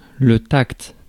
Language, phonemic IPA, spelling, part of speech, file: French, /takt/, tact, noun, Fr-tact.ogg
- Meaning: 1. tact 2. sense of touch